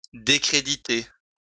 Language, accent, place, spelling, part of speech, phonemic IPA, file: French, France, Lyon, décréditer, verb, /de.kʁe.di.te/, LL-Q150 (fra)-décréditer.wav
- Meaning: 1. to discredit, to disgrace, to bring into discredit 2. to sink into discredit, to lose one's credit or reputation